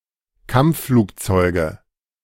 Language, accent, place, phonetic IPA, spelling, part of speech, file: German, Germany, Berlin, [ˈkamp͡ffluːkˌt͡sɔɪ̯ɡə], Kampfflugzeuge, noun, De-Kampfflugzeuge.ogg
- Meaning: nominative/accusative/genitive plural of Kampfflugzeug